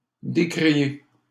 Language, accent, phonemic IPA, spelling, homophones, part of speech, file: French, Canada, /de.kʁi.je/, décrié, décriai / décriée / décriées / décrier / décriés / décriez, verb, LL-Q150 (fra)-décrié.wav
- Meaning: past participle of décrier